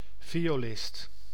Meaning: violinist
- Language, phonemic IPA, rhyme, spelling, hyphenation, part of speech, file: Dutch, /ˌvi.oːˈlɪst/, -ɪst, violist, vi‧o‧list, noun, Nl-violist.ogg